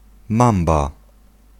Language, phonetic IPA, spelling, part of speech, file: Polish, [ˈmãmba], mamba, noun, Pl-mamba.ogg